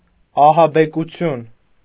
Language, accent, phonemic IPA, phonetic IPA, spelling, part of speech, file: Armenian, Eastern Armenian, /ɑhɑbekuˈtʰjun/, [ɑhɑbekut͡sʰjún], ահաբեկություն, noun, Hy-ահաբեկություն.ogg
- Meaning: 1. act of frightening or being frightened 2. terror, dread, fear 3. act of terrorizing, of subjecting to terror